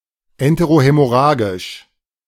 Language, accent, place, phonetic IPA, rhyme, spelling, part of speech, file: German, Germany, Berlin, [ˌɛnteʁoˌhɛmɔˈʁaːɡɪʃ], -aːɡɪʃ, enterohämorrhagisch, adjective, De-enterohämorrhagisch.ogg
- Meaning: enterohaemorrhagic